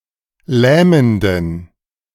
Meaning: inflection of lähmend: 1. strong genitive masculine/neuter singular 2. weak/mixed genitive/dative all-gender singular 3. strong/weak/mixed accusative masculine singular 4. strong dative plural
- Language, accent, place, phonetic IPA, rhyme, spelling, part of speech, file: German, Germany, Berlin, [ˈlɛːməndn̩], -ɛːməndn̩, lähmenden, adjective, De-lähmenden.ogg